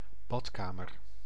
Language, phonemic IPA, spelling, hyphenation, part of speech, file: Dutch, /ˈbɑtˌkaː.mər/, badkamer, bad‧ka‧mer, noun, Nl-badkamer.ogg
- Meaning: bathroom